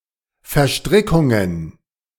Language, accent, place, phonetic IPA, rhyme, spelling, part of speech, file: German, Germany, Berlin, [fɛɐ̯ˈʃtʁɪkʊŋən], -ɪkʊŋən, Verstrickungen, noun, De-Verstrickungen.ogg
- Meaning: plural of Verstrickung